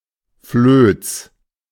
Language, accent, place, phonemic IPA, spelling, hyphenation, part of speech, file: German, Germany, Berlin, /fløːt͡s/, Flöz, Flöz, noun, De-Flöz.ogg
- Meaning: seam